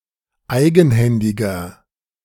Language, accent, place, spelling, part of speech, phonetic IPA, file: German, Germany, Berlin, eigenhändiger, adjective, [ˈaɪ̯ɡn̩ˌhɛndɪɡɐ], De-eigenhändiger.ogg
- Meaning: inflection of eigenhändig: 1. strong/mixed nominative masculine singular 2. strong genitive/dative feminine singular 3. strong genitive plural